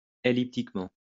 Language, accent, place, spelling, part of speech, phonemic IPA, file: French, France, Lyon, elliptiquement, adverb, /e.lip.tik.mɑ̃/, LL-Q150 (fra)-elliptiquement.wav
- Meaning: elliptically